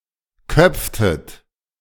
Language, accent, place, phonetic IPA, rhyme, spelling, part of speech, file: German, Germany, Berlin, [ˈkœp͡ftət], -œp͡ftət, köpftet, verb, De-köpftet.ogg
- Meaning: inflection of köpfen: 1. second-person plural preterite 2. second-person plural subjunctive II